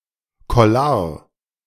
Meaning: clerical collar
- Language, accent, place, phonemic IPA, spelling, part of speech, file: German, Germany, Berlin, /kɔˈlaːɐ̯/, Kollar, noun, De-Kollar.ogg